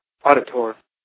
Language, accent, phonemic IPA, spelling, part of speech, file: English, US, /ˈɔːdɪtɚ/, auditor, noun, En-us-auditor.ogg
- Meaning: 1. One who audits bookkeeping accounts 2. In many jurisdictions, an elected or appointed public official in charge of the public accounts; a comptroller